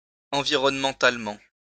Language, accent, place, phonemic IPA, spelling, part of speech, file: French, France, Lyon, /ɑ̃.vi.ʁɔn.mɑ̃.tal.mɑ̃/, environnementalement, adverb, LL-Q150 (fra)-environnementalement.wav
- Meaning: environmentally